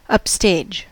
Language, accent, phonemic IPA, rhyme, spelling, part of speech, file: English, US, /ʌpˈsteɪd͡ʒ/, -eɪdʒ, upstage, noun / adverb / adjective / verb, En-us-upstage.ogg
- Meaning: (noun) The part of a stage that is farthest from the audience or camera; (adverb) 1. Toward or at the rear of a theatrical stage 2. Away from the audience or camera; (adjective) At the rear of a stage